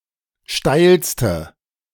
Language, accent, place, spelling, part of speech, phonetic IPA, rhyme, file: German, Germany, Berlin, steilste, adjective, [ˈʃtaɪ̯lstə], -aɪ̯lstə, De-steilste.ogg
- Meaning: inflection of steil: 1. strong/mixed nominative/accusative feminine singular superlative degree 2. strong nominative/accusative plural superlative degree